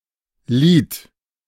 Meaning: eyelid
- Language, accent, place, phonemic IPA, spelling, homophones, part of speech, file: German, Germany, Berlin, /liːt/, Lid, Lied / lieht, noun, De-Lid.ogg